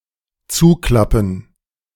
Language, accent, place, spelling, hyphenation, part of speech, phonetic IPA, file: German, Germany, Berlin, zuklappen, zu‧klap‧pen, verb, [ˈt͡suːˌklapn̩], De-zuklappen.ogg
- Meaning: 1. to flip shut 2. to collapse